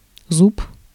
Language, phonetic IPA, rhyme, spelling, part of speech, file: Russian, [zup], -up, зуб, noun, Ru-зуб.ogg
- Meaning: 1. tooth 2. tooth, cog, dent